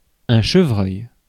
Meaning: 1. roe deer, roebuck 2. any of various local species of deer in the genus Odocoileus; mostly the white-tailed deer (Odocoileus virginianus)
- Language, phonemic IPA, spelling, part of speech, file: French, /ʃə.vʁœj/, chevreuil, noun, Fr-chevreuil.ogg